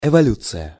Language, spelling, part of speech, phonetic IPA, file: Russian, эволюция, noun, [ɪvɐˈlʲut͡sɨjə], Ru-эволюция.ogg
- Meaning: evolution